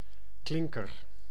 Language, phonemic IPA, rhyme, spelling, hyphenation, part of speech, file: Dutch, /ˈklɪŋ.kər/, -ɪŋkər, klinker, klin‧ker, noun, Nl-klinker.ogg
- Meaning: 1. clinker brick; (by extension) any kind of brick used for pavement 2. vowel 3. vowel letter (character that designates a vowel)